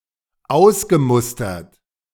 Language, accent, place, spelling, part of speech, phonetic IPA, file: German, Germany, Berlin, ausgemustert, verb, [ˈaʊ̯sɡəˌmʊstɐt], De-ausgemustert.ogg
- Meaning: past participle of ausmustern